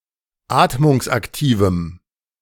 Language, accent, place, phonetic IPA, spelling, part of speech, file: German, Germany, Berlin, [ˈaːtmʊŋsʔakˌtiːvm̩], atmungsaktivem, adjective, De-atmungsaktivem.ogg
- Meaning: strong dative masculine/neuter singular of atmungsaktiv